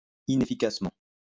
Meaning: inefficiently
- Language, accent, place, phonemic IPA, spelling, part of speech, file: French, France, Lyon, /i.ne.fi.kas.mɑ̃/, inefficacement, adverb, LL-Q150 (fra)-inefficacement.wav